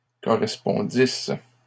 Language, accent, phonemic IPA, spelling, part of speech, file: French, Canada, /kɔ.ʁɛs.pɔ̃.dis/, correspondissent, verb, LL-Q150 (fra)-correspondissent.wav
- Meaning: third-person plural imperfect subjunctive of correspondre